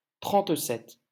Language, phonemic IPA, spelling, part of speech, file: French, /tʁɑ̃t.sɛt/, trente-sept, numeral, LL-Q150 (fra)-trente-sept.wav
- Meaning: thirty-seven